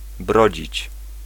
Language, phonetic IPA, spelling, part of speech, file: Polish, [ˈbrɔd͡ʑit͡ɕ], brodzić, verb, Pl-brodzić.ogg